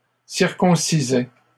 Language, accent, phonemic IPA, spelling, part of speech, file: French, Canada, /siʁ.kɔ̃.si.zɛ/, circoncisaient, verb, LL-Q150 (fra)-circoncisaient.wav
- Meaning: third-person plural imperfect indicative of circoncire